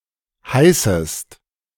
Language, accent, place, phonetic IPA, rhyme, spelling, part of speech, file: German, Germany, Berlin, [ˈhaɪ̯səst], -aɪ̯səst, heißest, verb, De-heißest.ogg
- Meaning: second-person singular subjunctive I of heißen